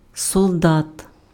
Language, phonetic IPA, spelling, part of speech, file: Ukrainian, [sɔɫˈdat], солдат, noun, Uk-солдат.ogg
- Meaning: soldier (male or female)